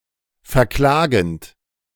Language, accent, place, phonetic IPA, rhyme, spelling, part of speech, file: German, Germany, Berlin, [fɛɐ̯ˈklaːɡn̩t], -aːɡn̩t, verklagend, verb, De-verklagend.ogg
- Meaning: present participle of verklagen